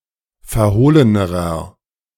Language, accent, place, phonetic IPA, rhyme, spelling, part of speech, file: German, Germany, Berlin, [fɛɐ̯ˈhoːlənəʁɐ], -oːlənəʁɐ, verhohlenerer, adjective, De-verhohlenerer.ogg
- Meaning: inflection of verhohlen: 1. strong/mixed nominative masculine singular comparative degree 2. strong genitive/dative feminine singular comparative degree 3. strong genitive plural comparative degree